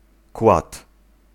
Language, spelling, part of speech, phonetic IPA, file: Polish, kład, noun, [kwat], Pl-kład.ogg